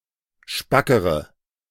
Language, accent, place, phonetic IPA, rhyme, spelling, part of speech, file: German, Germany, Berlin, [ˈʃpakəʁə], -akəʁə, spackere, adjective, De-spackere.ogg
- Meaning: inflection of spack: 1. strong/mixed nominative/accusative feminine singular comparative degree 2. strong nominative/accusative plural comparative degree